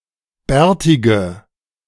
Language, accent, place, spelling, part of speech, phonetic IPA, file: German, Germany, Berlin, bärtige, adjective, [ˈbɛːɐ̯tɪɡə], De-bärtige.ogg
- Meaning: inflection of bärtig: 1. strong/mixed nominative/accusative feminine singular 2. strong nominative/accusative plural 3. weak nominative all-gender singular 4. weak accusative feminine/neuter singular